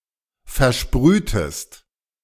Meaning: inflection of versprühen: 1. second-person singular preterite 2. second-person singular subjunctive II
- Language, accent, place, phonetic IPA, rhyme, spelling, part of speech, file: German, Germany, Berlin, [fɛɐ̯ˈʃpʁyːtəst], -yːtəst, versprühtest, verb, De-versprühtest.ogg